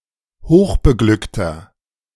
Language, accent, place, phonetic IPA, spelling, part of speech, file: German, Germany, Berlin, [ˈhoːxbəˌɡlʏktɐ], hochbeglückter, adjective, De-hochbeglückter.ogg
- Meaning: inflection of hochbeglückt: 1. strong/mixed nominative masculine singular 2. strong genitive/dative feminine singular 3. strong genitive plural